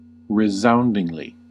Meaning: 1. With a loud, resonant sound 2. Emphatically, so as to be celebrated
- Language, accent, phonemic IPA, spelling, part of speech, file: English, US, /ɹɪˈzaʊndɪŋli/, resoundingly, adverb, En-us-resoundingly.ogg